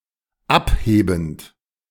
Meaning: present participle of abheben
- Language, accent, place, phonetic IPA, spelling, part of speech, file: German, Germany, Berlin, [ˈapˌheːbn̩t], abhebend, verb, De-abhebend.ogg